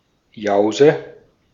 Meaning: snack
- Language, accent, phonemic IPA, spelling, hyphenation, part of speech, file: German, Austria, /ˈjɑɔ̯sɛ/, Jause, Jau‧se, noun, De-at-Jause.ogg